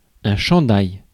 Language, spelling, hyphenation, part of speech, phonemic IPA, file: French, chandail, chan‧dail, noun, /ʃɑ̃.daj/, Fr-chandail.ogg
- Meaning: 1. sweater, jumper 2. T-shirt